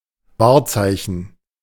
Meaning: 1. landmark 2. emblem, symbol
- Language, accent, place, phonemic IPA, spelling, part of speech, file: German, Germany, Berlin, /ˈvaːɐ̯ˌt͡saɪ̯çn̩/, Wahrzeichen, noun, De-Wahrzeichen.ogg